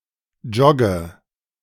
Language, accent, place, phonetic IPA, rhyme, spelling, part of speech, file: German, Germany, Berlin, [ˈd͡ʒɔɡə], -ɔɡə, jogge, verb, De-jogge.ogg
- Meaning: inflection of joggen: 1. first-person singular present 2. first/third-person singular subjunctive I 3. singular imperative